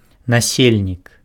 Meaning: resident, inhabitant
- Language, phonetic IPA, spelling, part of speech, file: Belarusian, [naˈsʲelʲnʲik], насельнік, noun, Be-насельнік.ogg